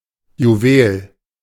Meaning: 1. gem, jewel (precious stone) 2. jewel, piece of jewellery 3. anything very precious 4. a precious, irreplaceable person
- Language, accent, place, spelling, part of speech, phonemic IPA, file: German, Germany, Berlin, Juwel, noun, /juˈveːl/, De-Juwel.ogg